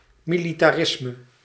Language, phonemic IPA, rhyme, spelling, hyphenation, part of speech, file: Dutch, /ˌmi.li.taːˈrɪs.mə/, -ɪsmə, militarisme, mi‧li‧ta‧ris‧me, noun, Nl-militarisme.ogg
- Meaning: militarism